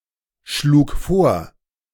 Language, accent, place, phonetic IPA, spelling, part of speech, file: German, Germany, Berlin, [ˌʃluːk ˈfoːɐ̯], schlug vor, verb, De-schlug vor.ogg
- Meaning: first/third-person singular preterite of vorschlagen